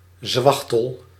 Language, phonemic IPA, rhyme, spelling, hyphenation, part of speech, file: Dutch, /ˈzʋɑx.təl/, -ɑxtəl, zwachtel, zwach‧tel, noun, Nl-zwachtel.ogg
- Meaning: bandage